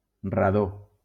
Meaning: radon
- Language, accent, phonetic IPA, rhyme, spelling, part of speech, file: Catalan, Valencia, [raˈðo], -o, radó, noun, LL-Q7026 (cat)-radó.wav